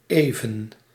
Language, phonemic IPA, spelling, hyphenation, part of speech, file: Dutch, /ˈeː.və(n)/, even, even, adverb / adjective, Nl-even.ogg
- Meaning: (adverb) 1. shortly, briefly 2. for a short period, for a while 3. for a moment; modal particle indicating that the speaker expects that something will require little time or effort